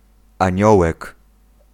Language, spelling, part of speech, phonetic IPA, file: Polish, aniołek, noun, [ãˈɲɔwɛk], Pl-aniołek.ogg